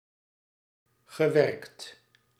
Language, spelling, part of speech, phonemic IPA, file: Dutch, gewerkt, verb, /ɣəˈʋɛrkt/, Nl-gewerkt.ogg
- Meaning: past participle of werken